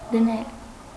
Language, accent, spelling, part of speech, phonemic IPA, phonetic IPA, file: Armenian, Eastern Armenian, դնել, verb, /dəˈnel/, [dənél], Hy-դնել.ogg
- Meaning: 1. to put, to lay 2. to impose, to inflict 3. to insert, to put in 4. to put on (hat, glasses, etc.)